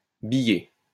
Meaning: 1. to turn a piece of wood placed on a support 2. to flatten dough with a rolling pin 3. to place balls of solder on a component in preparation for welding to a printed circuit board
- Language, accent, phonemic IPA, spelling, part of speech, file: French, France, /bi.je/, biller, verb, LL-Q150 (fra)-biller.wav